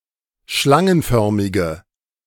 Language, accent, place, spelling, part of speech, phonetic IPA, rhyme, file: German, Germany, Berlin, schlangenförmige, adjective, [ˈʃlaŋənˌfœʁmɪɡə], -aŋənfœʁmɪɡə, De-schlangenförmige.ogg
- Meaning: inflection of schlangenförmig: 1. strong/mixed nominative/accusative feminine singular 2. strong nominative/accusative plural 3. weak nominative all-gender singular